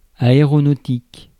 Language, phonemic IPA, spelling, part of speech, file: French, /a.e.ʁɔ.no.tik/, aéronautique, adjective / noun, Fr-aéronautique.ogg
- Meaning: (adjective) aeronautic, aeronautical; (noun) aeronautics